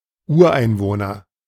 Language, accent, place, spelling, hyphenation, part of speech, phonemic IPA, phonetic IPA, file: German, Germany, Berlin, Ureinwohner, Ur‧ein‧woh‧ner, noun, /ˈuːɐ̯ˌaɪ̯nvoːnɐ/, [ˈʔuːɐ̯ˌʔaɪ̯nvoːnɐ], De-Ureinwohner.ogg
- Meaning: native inhabitant (often applied to indigenous people)